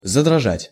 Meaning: to begin to tremble, to begin to shiver
- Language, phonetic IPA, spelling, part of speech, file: Russian, [zədrɐˈʐatʲ], задрожать, verb, Ru-задрожать.ogg